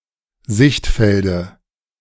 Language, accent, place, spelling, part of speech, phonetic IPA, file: German, Germany, Berlin, Sichtfelde, noun, [ˈzɪçtˌfɛldə], De-Sichtfelde.ogg
- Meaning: dative of Sichtfeld